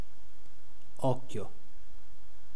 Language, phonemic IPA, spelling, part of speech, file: Italian, /ˈɔkkjo/, occhio, interjection / noun, It-occhio.ogg